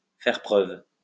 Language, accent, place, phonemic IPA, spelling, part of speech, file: French, France, Lyon, /fɛʁ pʁœv/, faire preuve, verb, LL-Q150 (fra)-faire preuve.wav
- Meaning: to show, to demonstrate, to display